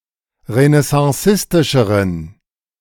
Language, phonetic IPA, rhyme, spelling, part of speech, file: German, [ʁənɛsɑ̃ˈsɪstɪʃəʁən], -ɪstɪʃəʁən, renaissancistischeren, adjective, De-renaissancistischeren.ogg